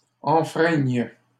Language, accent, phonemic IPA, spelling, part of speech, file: French, Canada, /ɑ̃.fʁɛɲ/, enfreignes, verb, LL-Q150 (fra)-enfreignes.wav
- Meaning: second-person singular present subjunctive of enfreindre